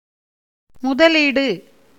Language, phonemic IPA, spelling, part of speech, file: Tamil, /mʊd̪ɐliːɖɯ/, முதலீடு, noun, Ta-முதலீடு.ogg
- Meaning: 1. investment, capital invested in trade 2. placing first, that which is placed first 3. repayment of principle amount of a loan